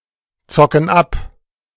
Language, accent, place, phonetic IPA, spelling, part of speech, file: German, Germany, Berlin, [ˌt͡sɔkn̩ ˈap], zocken ab, verb, De-zocken ab.ogg
- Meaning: inflection of abzocken: 1. first/third-person plural present 2. first/third-person plural subjunctive I